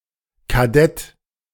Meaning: cadet (male or of unspecified gender)
- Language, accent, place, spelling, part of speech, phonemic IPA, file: German, Germany, Berlin, Kadett, noun, /kaˈdɛt/, De-Kadett.ogg